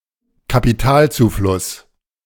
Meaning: capital inflow
- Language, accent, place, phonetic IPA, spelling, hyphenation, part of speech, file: German, Germany, Berlin, [kapiˈtaːlt͡suːˌflʊs], Kapitalzufluss, Ka‧pi‧tal‧zu‧fluss, noun, De-Kapitalzufluss.ogg